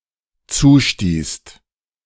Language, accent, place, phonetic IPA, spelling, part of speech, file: German, Germany, Berlin, [ˈt͡suːˌʃtiːst], zustießt, verb, De-zustießt.ogg
- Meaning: second-person singular/plural dependent preterite of zustoßen